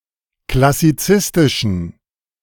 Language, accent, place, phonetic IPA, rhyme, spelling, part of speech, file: German, Germany, Berlin, [klasiˈt͡sɪstɪʃn̩], -ɪstɪʃn̩, klassizistischen, adjective, De-klassizistischen.ogg
- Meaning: inflection of klassizistisch: 1. strong genitive masculine/neuter singular 2. weak/mixed genitive/dative all-gender singular 3. strong/weak/mixed accusative masculine singular 4. strong dative plural